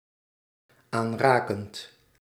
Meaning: present participle of aanraken
- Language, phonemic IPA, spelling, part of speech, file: Dutch, /ˈanrakənt/, aanrakend, verb, Nl-aanrakend.ogg